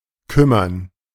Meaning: 1. to take care, to look after 2. to grieve, to afflict, to trouble, to concern
- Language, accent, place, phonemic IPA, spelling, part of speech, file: German, Germany, Berlin, /ˈkʏ.mɐn/, kümmern, verb, De-kümmern.ogg